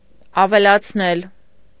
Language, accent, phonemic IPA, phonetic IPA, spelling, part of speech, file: Armenian, Eastern Armenian, /ɑvelɑt͡sʰˈnel/, [ɑvelɑt͡sʰnél], ավելացնել, verb, Hy-ավելացնել.ogg
- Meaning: 1. causative of ավելանալ (avelanal) 2. to add